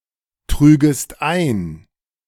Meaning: second-person singular subjunctive II of eintragen
- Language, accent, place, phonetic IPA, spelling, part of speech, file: German, Germany, Berlin, [ˌtʁyːɡəst ˈaɪ̯n], trügest ein, verb, De-trügest ein.ogg